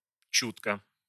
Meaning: 1. keenly, sensitively 2. tactfully
- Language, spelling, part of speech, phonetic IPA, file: Russian, чутко, adverb, [ˈt͡ɕutkə], Ru-чутко.ogg